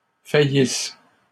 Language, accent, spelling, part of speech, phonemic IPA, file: French, Canada, faillisse, verb, /fa.jis/, LL-Q150 (fra)-faillisse.wav
- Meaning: inflection of faillir: 1. first/third-person singular present subjunctive 2. first-person singular imperfect subjunctive